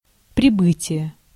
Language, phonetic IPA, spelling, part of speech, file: Russian, [prʲɪˈbɨtʲɪje], прибытие, noun, Ru-прибытие.ogg
- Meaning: arrival (act of arriving or something that has arrived)